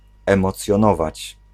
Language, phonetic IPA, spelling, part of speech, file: Polish, [ˌɛ̃mɔt͡sʲjɔ̃ˈnɔvat͡ɕ], emocjonować, verb, Pl-emocjonować.ogg